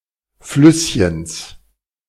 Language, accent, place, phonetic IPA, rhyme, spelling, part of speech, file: German, Germany, Berlin, [ˈflʏsçəns], -ʏsçəns, Flüsschens, noun, De-Flüsschens.ogg
- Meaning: genitive singular of Flüsschen